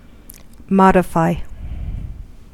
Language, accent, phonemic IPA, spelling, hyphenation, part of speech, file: English, US, /ˈmɑ.dɪˌfaɪ/, modify, mod‧i‧fy, verb, En-us-modify.ogg
- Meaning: 1. To change part of 2. To be or become modified 3. To set bounds to; to moderate 4. To qualify the meaning of